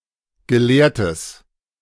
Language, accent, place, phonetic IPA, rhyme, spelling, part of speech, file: German, Germany, Berlin, [ɡəˈleːɐ̯təs], -eːɐ̯təs, gelehrtes, adjective, De-gelehrtes.ogg
- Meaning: strong/mixed nominative/accusative neuter singular of gelehrt